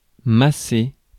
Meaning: to massage
- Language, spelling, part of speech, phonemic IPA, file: French, masser, verb, /ma.se/, Fr-masser.ogg